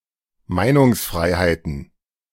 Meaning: plural of Meinungsfreiheit
- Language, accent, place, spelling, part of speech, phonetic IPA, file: German, Germany, Berlin, Meinungsfreiheiten, noun, [ˈmaɪ̯nʊŋsˌfʁaɪ̯haɪ̯tn̩], De-Meinungsfreiheiten.ogg